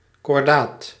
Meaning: firm, resolute
- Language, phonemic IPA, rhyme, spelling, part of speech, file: Dutch, /kɔrˈdaːt/, -aːt, kordaat, adjective, Nl-kordaat.ogg